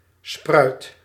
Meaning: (noun) 1. a sprout, shoot, a branch-like part of a plant which grows from the rest 2. a child, seen as a parent's offspring, usually said of a minor 3. a style or beam which rests on another
- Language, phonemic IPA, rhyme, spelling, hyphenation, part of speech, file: Dutch, /sprœy̯t/, -œy̯t, spruit, spruit, noun / verb, Nl-spruit.ogg